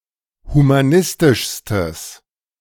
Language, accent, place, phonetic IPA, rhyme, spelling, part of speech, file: German, Germany, Berlin, [humaˈnɪstɪʃstəs], -ɪstɪʃstəs, humanistischstes, adjective, De-humanistischstes.ogg
- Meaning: strong/mixed nominative/accusative neuter singular superlative degree of humanistisch